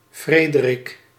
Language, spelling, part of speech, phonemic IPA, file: Dutch, Frederik, proper noun, /ˈfreːdərɪk/, Nl-Frederik.ogg
- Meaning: a male given name, equivalent to English Frederick